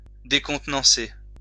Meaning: to disconcert
- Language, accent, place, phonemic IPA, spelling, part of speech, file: French, France, Lyon, /de.kɔ̃t.nɑ̃.se/, décontenancer, verb, LL-Q150 (fra)-décontenancer.wav